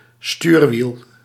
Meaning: a steering wheel (primarily of land vehicles)
- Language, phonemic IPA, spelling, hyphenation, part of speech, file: Dutch, /ˈstyːr.ʋil/, stuurwiel, stuur‧wiel, noun, Nl-stuurwiel.ogg